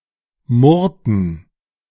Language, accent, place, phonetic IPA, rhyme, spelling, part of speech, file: German, Germany, Berlin, [ˈmʊʁtn̩], -ʊʁtn̩, murrten, verb, De-murrten.ogg
- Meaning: inflection of murren: 1. first/third-person plural preterite 2. first/third-person plural subjunctive II